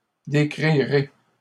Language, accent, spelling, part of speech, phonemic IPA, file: French, Canada, décrirez, verb, /de.kʁi.ʁe/, LL-Q150 (fra)-décrirez.wav
- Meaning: second-person plural future of décrire